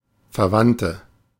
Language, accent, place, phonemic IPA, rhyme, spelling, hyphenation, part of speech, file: German, Germany, Berlin, /fɛɐ̯ˈvantə/, -antə, verwandte, ver‧wand‧te, adjective, De-verwandte.ogg
- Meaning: inflection of verwandt: 1. strong/mixed nominative/accusative feminine singular 2. strong nominative/accusative plural 3. weak nominative all-gender singular